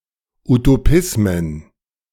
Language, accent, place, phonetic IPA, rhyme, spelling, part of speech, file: German, Germany, Berlin, [utoˈpɪsmən], -ɪsmən, Utopismen, noun, De-Utopismen.ogg
- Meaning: plural of Utopismus